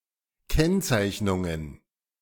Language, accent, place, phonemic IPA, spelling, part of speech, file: German, Germany, Berlin, /ˈkɛnˌt͡saɪ̯çnʊŋən/, Kennzeichnungen, noun, De-Kennzeichnungen.ogg
- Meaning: plural of Kennzeichnung